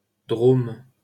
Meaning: 1. Drôme (a department of Auvergne-Rhône-Alpes, France) 2. Drôme (a left tributary of the Rhône in the departments of Drôme and Ardèche, in southeastern France)
- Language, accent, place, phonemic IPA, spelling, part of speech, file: French, France, Paris, /dʁom/, Drôme, proper noun, LL-Q150 (fra)-Drôme.wav